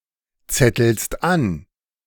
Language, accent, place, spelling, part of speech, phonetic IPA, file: German, Germany, Berlin, zettelst an, verb, [ˌt͡sɛtl̩st ˈan], De-zettelst an.ogg
- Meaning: second-person singular present of anzetteln